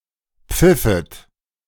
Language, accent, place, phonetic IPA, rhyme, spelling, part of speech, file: German, Germany, Berlin, [ˈp͡fɪfət], -ɪfət, pfiffet, verb, De-pfiffet.ogg
- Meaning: second-person plural subjunctive II of pfeifen